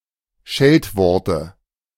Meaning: 1. nominative/accusative/genitive plural of Scheltwort 2. dative singular of Scheltwort
- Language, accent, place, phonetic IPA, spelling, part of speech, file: German, Germany, Berlin, [ˈʃɛltˌvɔʁtə], Scheltworte, noun, De-Scheltworte.ogg